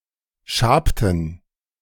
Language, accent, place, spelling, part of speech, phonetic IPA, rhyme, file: German, Germany, Berlin, schabten, verb, [ˈʃaːptn̩], -aːptn̩, De-schabten.ogg
- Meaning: inflection of schaben: 1. first/third-person plural preterite 2. first/third-person plural subjunctive II